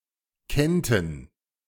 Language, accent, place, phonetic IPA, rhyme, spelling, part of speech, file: German, Germany, Berlin, [ˈkɛntn̩], -ɛntn̩, kennten, verb, De-kennten.ogg
- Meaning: first/third-person plural subjunctive II of kennen